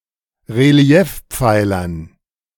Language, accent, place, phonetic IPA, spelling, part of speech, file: German, Germany, Berlin, [ʁeˈli̯ɛfˌp͡faɪ̯lɐn], Reliefpfeilern, noun, De-Reliefpfeilern.ogg
- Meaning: dative plural of Reliefpfeiler